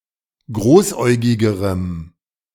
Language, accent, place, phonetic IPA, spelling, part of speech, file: German, Germany, Berlin, [ˈɡʁoːsˌʔɔɪ̯ɡɪɡəʁəm], großäugigerem, adjective, De-großäugigerem.ogg
- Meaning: strong dative masculine/neuter singular comparative degree of großäugig